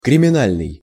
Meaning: criminal
- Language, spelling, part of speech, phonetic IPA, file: Russian, криминальный, adjective, [krʲɪmʲɪˈnalʲnɨj], Ru-криминальный.ogg